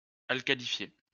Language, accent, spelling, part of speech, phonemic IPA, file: French, France, alcalifier, verb, /al.ka.li.fje/, LL-Q150 (fra)-alcalifier.wav
- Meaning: to alkalify